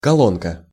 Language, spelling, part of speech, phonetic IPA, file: Russian, колонка, noun, [kɐˈɫonkə], Ru-колонка.ogg
- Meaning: 1. diminutive of коло́нна (kolónna) 2. column (of figures, print, etc.) 3. a device for dispensing liquids or gases, usually cylindrical in shape 4. gas water heater 5. loudspeaker